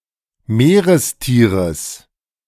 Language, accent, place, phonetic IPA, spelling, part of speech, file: German, Germany, Berlin, [ˈmeːʁəsˌtiːʁəs], Meerestieres, noun, De-Meerestieres.ogg
- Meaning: genitive singular of Meerestier